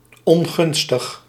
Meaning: unfavourable
- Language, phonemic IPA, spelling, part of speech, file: Dutch, /ɔŋˈɣʏnstəx/, ongunstig, adjective, Nl-ongunstig.ogg